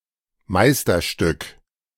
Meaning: 1. masterpiece (work created in order to qualify as a master craftsman) 2. masterpiece (work of outstanding creativity, skill or workmanship)
- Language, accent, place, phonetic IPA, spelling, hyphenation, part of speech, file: German, Germany, Berlin, [ˈmaɪ̯stɐˌʃtʏk], Meisterstück, Meis‧ter‧stück, noun, De-Meisterstück.ogg